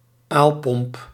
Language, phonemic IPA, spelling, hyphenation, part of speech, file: Dutch, /ˈaːl.pɔmp/, aalpomp, aal‧pomp, noun, Nl-aalpomp.ogg
- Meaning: pump to pump liquid manure or other wastewater